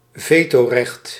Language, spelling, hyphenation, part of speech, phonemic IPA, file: Dutch, vetorecht, ve‧to‧recht, noun, /ˈveː.toːˌrɛxt/, Nl-vetorecht.ogg
- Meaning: right of veto